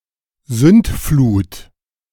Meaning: alternative form of Sintflut
- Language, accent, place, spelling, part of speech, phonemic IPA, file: German, Germany, Berlin, Sündflut, noun, /ˈzʏntˌfluːt/, De-Sündflut.ogg